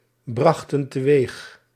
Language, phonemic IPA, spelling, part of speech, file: Dutch, /ˈbrɑxtə(n) təˈwex/, brachten teweeg, verb, Nl-brachten teweeg.ogg
- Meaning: inflection of teweegbrengen: 1. plural past indicative 2. plural past subjunctive